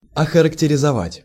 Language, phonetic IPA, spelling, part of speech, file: Russian, [ɐxərəktʲɪrʲɪzɐˈvatʲ], охарактеризовать, verb, Ru-охарактеризовать.ogg
- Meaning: to describe, to characterize